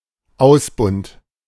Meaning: 1. a model; a paragon 2. elongated tear in the crust of a loaf of bread where the dough has expanded during baking
- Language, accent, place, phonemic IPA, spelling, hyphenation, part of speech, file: German, Germany, Berlin, /ˈʔaʊsbʊnd/, Ausbund, Aus‧bund, noun, De-Ausbund.ogg